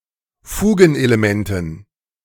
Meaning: dative plural of Fugenelement
- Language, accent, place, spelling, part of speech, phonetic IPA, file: German, Germany, Berlin, Fugenelementen, noun, [ˈfuːɡn̩ʔeleˌmɛntn̩], De-Fugenelementen.ogg